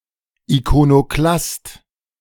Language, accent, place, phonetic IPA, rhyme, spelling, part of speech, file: German, Germany, Berlin, [ikonoˈklast], -ast, Ikonoklast, noun, De-Ikonoklast.ogg
- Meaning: iconoclast